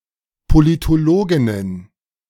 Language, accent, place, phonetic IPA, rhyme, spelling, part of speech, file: German, Germany, Berlin, [politoˈloːɡɪnən], -oːɡɪnən, Politologinnen, noun, De-Politologinnen.ogg
- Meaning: plural of Politologin